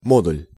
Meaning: 1. module 2. absolute value, modulus (non-negative, real-valued magnitude of a real or complex number)
- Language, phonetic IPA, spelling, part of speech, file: Russian, [ˈmodʊlʲ], модуль, noun, Ru-модуль.ogg